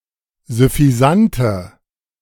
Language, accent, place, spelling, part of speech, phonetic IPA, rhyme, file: German, Germany, Berlin, süffisante, adjective, [zʏfiˈzantə], -antə, De-süffisante.ogg
- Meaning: inflection of süffisant: 1. strong/mixed nominative/accusative feminine singular 2. strong nominative/accusative plural 3. weak nominative all-gender singular